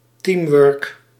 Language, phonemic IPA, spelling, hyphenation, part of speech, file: Dutch, /ˈtiːmwʏːrk/, teamwork, team‧work, noun, Nl-teamwork.ogg
- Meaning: teamwork